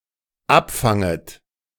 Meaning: second-person plural dependent subjunctive I of abfangen
- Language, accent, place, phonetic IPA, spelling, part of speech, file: German, Germany, Berlin, [ˈapˌfaŋət], abfanget, verb, De-abfanget.ogg